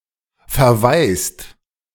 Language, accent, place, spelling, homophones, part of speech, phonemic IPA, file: German, Germany, Berlin, verweist, verwaist, verb, /feʁˈvaɪ̯st/, De-verweist.ogg
- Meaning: inflection of verweisen: 1. second/third-person singular present 2. second-person plural present 3. plural imperative